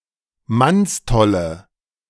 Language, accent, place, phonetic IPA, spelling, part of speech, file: German, Germany, Berlin, [ˈmansˌtɔlə], mannstolle, adjective, De-mannstolle.ogg
- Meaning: inflection of mannstoll: 1. strong/mixed nominative/accusative feminine singular 2. strong nominative/accusative plural 3. weak nominative all-gender singular